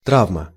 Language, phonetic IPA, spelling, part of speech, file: Russian, [ˈtravmə], травма, noun, Ru-травма.ogg
- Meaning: trauma, injury (any serious injury to the body, often resulting from violence or an accident)